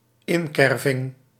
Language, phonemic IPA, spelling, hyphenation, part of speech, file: Dutch, /ˈɪnkɛrvɪŋ/, inkerving, in‧ker‧ving, noun, Nl-inkerving.ogg
- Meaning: groove